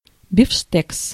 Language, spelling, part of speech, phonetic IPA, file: Russian, бифштекс, noun, [bʲɪfʂˈtɛks], Ru-бифштекс.ogg
- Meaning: 1. steak, beefsteak 2. hamburger, patty